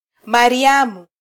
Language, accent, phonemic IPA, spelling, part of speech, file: Swahili, Kenya, /mɑ.ɾiˈɑ.mu/, Mariamu, proper noun, Sw-ke-Mariamu.flac
- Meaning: a female given name, equivalent to English Miriam